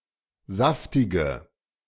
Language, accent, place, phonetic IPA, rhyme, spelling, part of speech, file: German, Germany, Berlin, [ˈzaftɪɡə], -aftɪɡə, saftige, adjective, De-saftige.ogg
- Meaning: inflection of saftig: 1. strong/mixed nominative/accusative feminine singular 2. strong nominative/accusative plural 3. weak nominative all-gender singular 4. weak accusative feminine/neuter singular